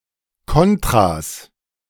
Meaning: plural of Kontra
- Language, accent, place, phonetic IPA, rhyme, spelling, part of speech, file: German, Germany, Berlin, [ˈkɔntʁas], -ɔntʁas, Kontras, noun, De-Kontras.ogg